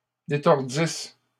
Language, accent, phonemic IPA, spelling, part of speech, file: French, Canada, /de.tɔʁ.dis/, détordisse, verb, LL-Q150 (fra)-détordisse.wav
- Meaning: first-person singular imperfect subjunctive of détordre